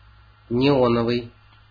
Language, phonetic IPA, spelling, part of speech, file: Russian, [nʲɪˈonəvɨj], неоновый, adjective, Ru-неоновый.ogg
- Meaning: neon